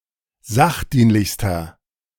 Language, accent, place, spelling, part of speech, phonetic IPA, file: German, Germany, Berlin, sachdienlichster, adjective, [ˈzaxˌdiːnlɪçstɐ], De-sachdienlichster.ogg
- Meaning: inflection of sachdienlich: 1. strong/mixed nominative masculine singular superlative degree 2. strong genitive/dative feminine singular superlative degree 3. strong genitive plural superlative degree